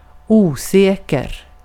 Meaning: 1. unsafe, insecure 2. hazardous, dangerous 3. unsure, doubtful 4. uncertain
- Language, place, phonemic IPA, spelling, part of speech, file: Swedish, Gotland, /ˈuːˌsɛːkɛr/, osäker, adjective, Sv-osäker.ogg